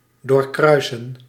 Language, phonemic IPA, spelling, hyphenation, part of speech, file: Dutch, /ˌdoːrˈkrœy̯sə(n)/, doorkruisen, door‧krui‧sen, verb, Nl-doorkruisen.ogg
- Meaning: 1. to go across, travel across 2. to compass (go about or round entirely)